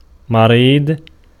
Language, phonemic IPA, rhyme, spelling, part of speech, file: Arabic, /ma.riːdˤ/, -iːdˤ, مريض, adjective / noun, Ar-مريض.ogg
- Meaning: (adjective) sick, ill (in poor health); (noun) 1. patient (ill person; person who receives treatment from a doctor) 2. psychopath